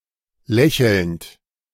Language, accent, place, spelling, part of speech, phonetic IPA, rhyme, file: German, Germany, Berlin, lächelnd, verb, [ˈlɛçl̩nt], -ɛçl̩nt, De-lächelnd.ogg
- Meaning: present participle of lächeln